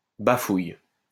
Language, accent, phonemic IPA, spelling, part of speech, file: French, France, /ba.fuj/, bafouille, noun / verb, LL-Q150 (fra)-bafouille.wav
- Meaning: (noun) letter (written message); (verb) inflection of bafouiller: 1. first/third-person singular present indicative/subjunctive 2. second-person singular imperative